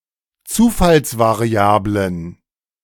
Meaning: plural of Zufallsvariable
- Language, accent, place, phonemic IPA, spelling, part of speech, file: German, Germany, Berlin, /ˈtsuːfalsvaʁiˌaːblən/, Zufallsvariablen, noun, De-Zufallsvariablen.ogg